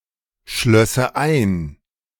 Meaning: first/third-person singular subjunctive II of einschließen
- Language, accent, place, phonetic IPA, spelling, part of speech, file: German, Germany, Berlin, [ˌʃlœsə ˈaɪ̯n], schlösse ein, verb, De-schlösse ein.ogg